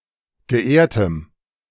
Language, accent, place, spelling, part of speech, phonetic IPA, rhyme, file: German, Germany, Berlin, geehrtem, adjective, [ɡəˈʔeːɐ̯təm], -eːɐ̯təm, De-geehrtem.ogg
- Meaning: strong dative masculine/neuter singular of geehrt